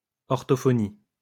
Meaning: 1. orthophony (correct articulation and pronunciation) 2. logopedics: the study of speech and language pathologies 3. logopedics: speech therapy (the treatment of speech and language pathologies)
- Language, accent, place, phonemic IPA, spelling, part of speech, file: French, France, Lyon, /ɔʁ.tɔ.fɔ.ni/, orthophonie, noun, LL-Q150 (fra)-orthophonie.wav